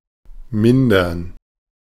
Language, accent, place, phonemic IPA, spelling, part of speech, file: German, Germany, Berlin, /ˈmɪndɐn/, mindern, verb, De-mindern.ogg
- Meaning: 1. to abate 2. to debase